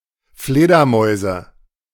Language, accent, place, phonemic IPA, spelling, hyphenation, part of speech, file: German, Germany, Berlin, /ˈfleːdɐˌmɔɪ̯zə/, Fledermäuse, Fle‧der‧mäu‧se, noun, De-Fledermäuse.ogg
- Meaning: nominative/accusative/genitive plural of Fledermaus